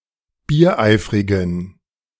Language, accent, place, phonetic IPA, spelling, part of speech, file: German, Germany, Berlin, [biːɐ̯ˈʔaɪ̯fʁɪɡn̩], biereifrigen, adjective, De-biereifrigen.ogg
- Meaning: inflection of biereifrig: 1. strong genitive masculine/neuter singular 2. weak/mixed genitive/dative all-gender singular 3. strong/weak/mixed accusative masculine singular 4. strong dative plural